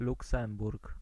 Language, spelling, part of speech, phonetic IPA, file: Polish, Luksemburg, proper noun / noun, [luˈksɛ̃mburk], Pl-Luksemburg.ogg